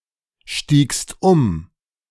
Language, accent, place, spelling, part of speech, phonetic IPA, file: German, Germany, Berlin, stiegst um, verb, [ˌʃtiːkst ˈʊm], De-stiegst um.ogg
- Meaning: second-person singular preterite of umsteigen